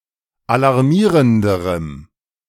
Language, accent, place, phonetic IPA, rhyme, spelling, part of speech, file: German, Germany, Berlin, [alaʁˈmiːʁəndəʁəm], -iːʁəndəʁəm, alarmierenderem, adjective, De-alarmierenderem.ogg
- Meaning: strong dative masculine/neuter singular comparative degree of alarmierend